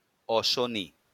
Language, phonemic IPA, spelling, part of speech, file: Bengali, /ɔʃoni/, অশনি, noun, LL-Q9610 (ben)-অশনি.wav
- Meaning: 1. thunderbolt 2. lightning